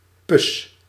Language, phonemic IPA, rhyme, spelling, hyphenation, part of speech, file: Dutch, /pʏs/, -ʏs, pus, pus, noun, Nl-pus.ogg
- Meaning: pus (whitish-yellow bodily substance)